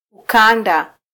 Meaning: 1. belt, strap 2. zone, region
- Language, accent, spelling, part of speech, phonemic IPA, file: Swahili, Kenya, ukanda, noun, /uˈkɑ.ⁿdɑ/, Sw-ke-ukanda.flac